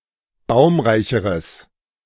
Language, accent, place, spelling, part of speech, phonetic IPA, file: German, Germany, Berlin, baumreicheres, adjective, [ˈbaʊ̯mʁaɪ̯çəʁəs], De-baumreicheres.ogg
- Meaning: strong/mixed nominative/accusative neuter singular comparative degree of baumreich